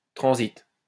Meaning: transit
- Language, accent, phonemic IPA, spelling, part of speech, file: French, France, /tʁɑ̃.zit/, transit, noun, LL-Q150 (fra)-transit.wav